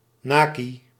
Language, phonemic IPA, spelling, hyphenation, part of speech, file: Dutch, /ˈnaː.ki/, nakie, na‧kie, noun, Nl-nakie.ogg
- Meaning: the nude; a naked state; birthday suit